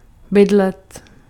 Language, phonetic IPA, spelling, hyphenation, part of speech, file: Czech, [ˈbɪdlɛt], bydlet, by‧d‧let, verb, Cs-bydlet.ogg
- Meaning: to live, to dwell